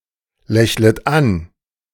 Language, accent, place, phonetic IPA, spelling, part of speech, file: German, Germany, Berlin, [ˌlɛçlət ˈan], lächlet an, verb, De-lächlet an.ogg
- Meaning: second-person plural subjunctive I of anlächeln